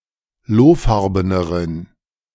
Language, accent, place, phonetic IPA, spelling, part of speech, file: German, Germany, Berlin, [ˈloːˌfaʁbənəʁən], lohfarbeneren, adjective, De-lohfarbeneren.ogg
- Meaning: inflection of lohfarben: 1. strong genitive masculine/neuter singular comparative degree 2. weak/mixed genitive/dative all-gender singular comparative degree